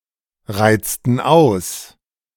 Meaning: inflection of ausreizen: 1. first/third-person plural preterite 2. first/third-person plural subjunctive II
- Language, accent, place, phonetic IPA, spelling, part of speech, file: German, Germany, Berlin, [ˌʁaɪ̯t͡stn̩ ˈaʊ̯s], reizten aus, verb, De-reizten aus.ogg